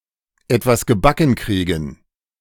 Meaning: to get one's act together, to get the job done
- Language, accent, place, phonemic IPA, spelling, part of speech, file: German, Germany, Berlin, /ˈɛtvas ɡəˈbakŋ̍ ˈkʁiːɡŋ̍/, etwas gebacken kriegen, verb, De-etwas gebacken kriegen.ogg